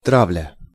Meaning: 1. hunting; baiting 2. persecution, bullying
- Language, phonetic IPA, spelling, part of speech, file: Russian, [ˈtravlʲə], травля, noun, Ru-травля.ogg